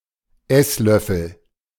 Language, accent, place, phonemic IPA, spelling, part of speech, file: German, Germany, Berlin, /ˈɛsˌlœfəl/, Esslöffel, noun, De-Esslöffel.ogg
- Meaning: tablespoon (spoon used for eating soup etc.)